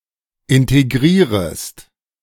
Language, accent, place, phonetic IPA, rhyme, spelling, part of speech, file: German, Germany, Berlin, [ˌɪnteˈɡʁiːʁəst], -iːʁəst, integrierest, verb, De-integrierest.ogg
- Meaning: second-person singular subjunctive I of integrieren